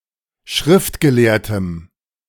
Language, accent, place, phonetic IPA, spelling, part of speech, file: German, Germany, Berlin, [ˈʃʁɪftɡəˌleːɐ̯təm], Schriftgelehrtem, noun, De-Schriftgelehrtem.ogg
- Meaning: strong dative singular of Schriftgelehrter